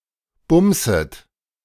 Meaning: second-person plural subjunctive I of bumsen
- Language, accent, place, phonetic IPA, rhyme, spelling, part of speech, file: German, Germany, Berlin, [ˈbʊmzət], -ʊmzət, bumset, verb, De-bumset.ogg